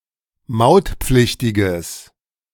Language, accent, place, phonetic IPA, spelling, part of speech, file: German, Germany, Berlin, [ˈmaʊ̯tˌp͡flɪçtɪɡəs], mautpflichtiges, adjective, De-mautpflichtiges.ogg
- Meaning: strong/mixed nominative/accusative neuter singular of mautpflichtig